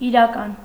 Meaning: real, actual
- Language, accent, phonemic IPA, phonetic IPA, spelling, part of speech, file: Armenian, Eastern Armenian, /iɾɑˈkɑn/, [iɾɑkɑ́n], իրական, adjective, Hy-իրական.ogg